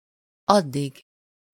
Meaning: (pronoun) terminative singular of az (used before a noun with the suffix -ig); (adverb) 1. as far as (until a given point in space) 2. until, as long as (until or up to a given point in time)
- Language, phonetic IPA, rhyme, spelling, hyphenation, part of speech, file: Hungarian, [ˈɒdːiɡ], -iɡ, addig, ad‧dig, pronoun / adverb, Hu-addig.ogg